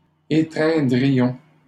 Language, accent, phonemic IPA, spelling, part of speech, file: French, Canada, /e.tʁɛ̃.dʁi.jɔ̃/, étreindrions, verb, LL-Q150 (fra)-étreindrions.wav
- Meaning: first-person plural conditional of étreindre